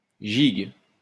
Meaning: 1. string instrument, roughly in the form of a mandoline (c. 1120–50) 2. lively and gay dance originally from the British Isles, gigue, jig 3. musical melody, to be danced in the way of a gigue
- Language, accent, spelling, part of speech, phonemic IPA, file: French, France, gigue, noun, /ʒiɡ/, LL-Q150 (fra)-gigue.wav